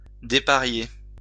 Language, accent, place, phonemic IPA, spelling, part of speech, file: French, France, Lyon, /de.pa.ʁje/, déparier, verb, LL-Q150 (fra)-déparier.wav
- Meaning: "to take away one (of a pair); to separate (the male and female of certain animals)"